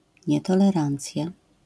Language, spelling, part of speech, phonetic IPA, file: Polish, nietolerancja, noun, [ˌɲɛtɔlɛˈrãnt͡sʲja], LL-Q809 (pol)-nietolerancja.wav